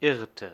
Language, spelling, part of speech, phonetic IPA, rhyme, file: German, irrte, verb, [ˈɪʁtə], -ɪʁtə, De-irrte.ogg
- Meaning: inflection of irren: 1. first/third-person singular preterite 2. first/third-person singular subjunctive II